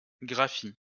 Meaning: 1. written form (of a word, etc.) 2. spelling
- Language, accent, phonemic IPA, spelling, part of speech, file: French, France, /ɡʁa.fi/, graphie, noun, LL-Q150 (fra)-graphie.wav